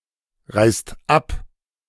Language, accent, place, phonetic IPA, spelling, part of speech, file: German, Germany, Berlin, [ˌʁaɪ̯st ˈap], reißt ab, verb, De-reißt ab.ogg
- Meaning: inflection of abreißen: 1. second/third-person singular present 2. second-person plural present 3. plural imperative